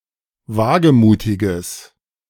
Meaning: strong/mixed nominative/accusative neuter singular of wagemutig
- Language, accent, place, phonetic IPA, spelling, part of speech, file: German, Germany, Berlin, [ˈvaːɡəˌmuːtɪɡəs], wagemutiges, adjective, De-wagemutiges.ogg